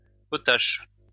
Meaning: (adjective) schoolboy, schoolboyish; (noun) student, school kid
- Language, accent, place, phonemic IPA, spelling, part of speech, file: French, France, Lyon, /pɔ.taʃ/, potache, adjective / noun, LL-Q150 (fra)-potache.wav